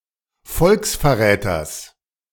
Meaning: genitive of Volksverräter
- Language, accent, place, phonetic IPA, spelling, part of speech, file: German, Germany, Berlin, [ˈfɔlksfɛɐ̯ˌʁɛːtɐs], Volksverräters, noun, De-Volksverräters.ogg